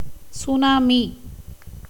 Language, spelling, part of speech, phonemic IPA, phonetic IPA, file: Tamil, சுனாமி, noun, /tʃʊnɑːmiː/, [sʊnäːmiː], Ta-சுனாமி.ogg
- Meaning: tsunami